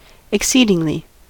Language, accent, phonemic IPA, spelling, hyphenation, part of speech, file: English, US, /ɪkˈsidɪŋli/, exceedingly, ex‧ceed‧ing‧ly, adverb, En-us-exceedingly.ogg
- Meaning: To a great or unusual degree, extent, etc.; extremely